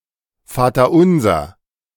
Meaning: Lord's Prayer; Our Father; paternoster (prayer that Jesus taught his disciples)
- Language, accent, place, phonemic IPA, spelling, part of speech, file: German, Germany, Berlin, /ˌfaːtɐˈ(ʔ)ʊnzɐ/, Vaterunser, noun, De-Vaterunser.ogg